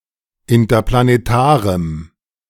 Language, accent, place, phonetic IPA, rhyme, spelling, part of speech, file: German, Germany, Berlin, [ɪntɐplaneˈtaːʁəm], -aːʁəm, interplanetarem, adjective, De-interplanetarem.ogg
- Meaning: strong dative masculine/neuter singular of interplanetar